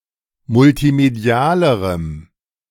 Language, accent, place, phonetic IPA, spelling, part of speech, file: German, Germany, Berlin, [mʊltiˈmedi̯aːləʁəm], multimedialerem, adjective, De-multimedialerem.ogg
- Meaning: strong dative masculine/neuter singular comparative degree of multimedial